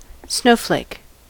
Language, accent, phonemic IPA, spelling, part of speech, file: English, US, /ˈsnoʊ.fleɪk/, snowflake, noun / verb, En-us-snowflake.ogg
- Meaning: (noun) 1. A crystal of snow, having approximate hexagonal symmetry 2. Any of several bulbous European plants, of the genus Leucojum, having white flowers 3. The snow bunting, Plectrophenax nivalis